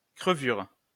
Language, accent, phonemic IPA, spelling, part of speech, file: French, France, /kʁə.vyʁ/, crevure, noun, LL-Q150 (fra)-crevure.wav
- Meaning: 1. cut 2. piece of shit, scum, filth